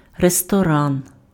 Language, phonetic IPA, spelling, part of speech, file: Ukrainian, [restɔˈran], ресторан, noun, Uk-ресторан.ogg
- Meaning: restaurant